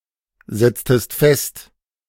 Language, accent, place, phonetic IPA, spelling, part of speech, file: German, Germany, Berlin, [ˌzɛt͡stəst ˈfɛst], setztest fest, verb, De-setztest fest.ogg
- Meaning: inflection of festsetzen: 1. second-person singular preterite 2. second-person singular subjunctive II